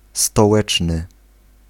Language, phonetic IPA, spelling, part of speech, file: Polish, [stɔˈwɛt͡ʃnɨ], stołeczny, adjective, Pl-stołeczny.ogg